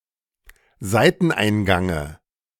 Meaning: dative of Seiteneingang
- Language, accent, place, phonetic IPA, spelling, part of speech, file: German, Germany, Berlin, [ˈzaɪ̯tn̩ˌʔaɪ̯nɡaŋə], Seiteneingange, noun, De-Seiteneingange.ogg